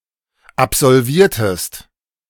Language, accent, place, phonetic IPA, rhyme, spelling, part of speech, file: German, Germany, Berlin, [apzɔlˈviːɐ̯təst], -iːɐ̯təst, absolviertest, verb, De-absolviertest.ogg
- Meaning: inflection of absolvieren: 1. second-person singular preterite 2. second-person singular subjunctive II